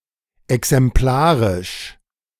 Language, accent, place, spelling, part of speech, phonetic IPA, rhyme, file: German, Germany, Berlin, exemplarisch, adjective, [ɛksɛmˈplaːʁɪʃ], -aːʁɪʃ, De-exemplarisch.ogg
- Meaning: 1. exemplary, example 2. generic, quintessential